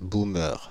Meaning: a baby boomer, an old person stereotypically portrayed as ignorant of new technology or modern concepts
- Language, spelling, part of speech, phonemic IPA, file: French, boomer, noun, /bu.mœʁ/, Fr-boomer.ogg